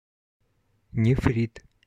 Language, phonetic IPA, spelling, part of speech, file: Russian, [nʲɪˈfrʲit], нефрит, noun, Ru-нефрит.oga
- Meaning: 1. nephrite, jade 2. nephritis